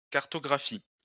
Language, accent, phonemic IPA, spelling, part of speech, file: French, France, /kaʁ.tɔ.ɡʁa.fi/, cartographie, noun / verb, LL-Q150 (fra)-cartographie.wav
- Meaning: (noun) cartography; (verb) inflection of cartographier: 1. first/third-person singular present indicative/subjunctive 2. second-person singular imperative